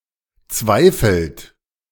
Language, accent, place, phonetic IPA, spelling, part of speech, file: German, Germany, Berlin, [ˈt͡svaɪ̯fl̩t], zweifelt, verb, De-zweifelt.ogg
- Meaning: inflection of zweifeln: 1. third-person singular present 2. second-person plural present 3. plural imperative